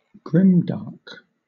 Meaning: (adjective) Of a film, television programme, video game, written work, etc.: having a gloomy, dystopian atmosphere
- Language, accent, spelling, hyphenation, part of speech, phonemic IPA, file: English, Southern England, grimdark, grim‧dark, adjective / noun, /ˈɡɹɪmdɑːk/, LL-Q1860 (eng)-grimdark.wav